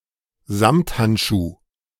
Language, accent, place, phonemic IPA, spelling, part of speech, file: German, Germany, Berlin, /ˈzamthantˌʃuː/, Samthandschuh, noun, De-Samthandschuh.ogg
- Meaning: velvet glove; kid glove